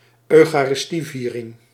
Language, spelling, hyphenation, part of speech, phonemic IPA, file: Dutch, eucharistieviering, eu‧cha‧ris‧tie‧vie‧ring, noun, /œy̯.xaː.rɪsˈtiˌviː.rɪŋ/, Nl-eucharistieviering.ogg
- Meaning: Eucharist (ceremony), celebration of the Eucharist